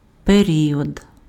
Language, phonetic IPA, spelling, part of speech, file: Ukrainian, [peˈrʲiɔd], період, noun, Uk-період.ogg
- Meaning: period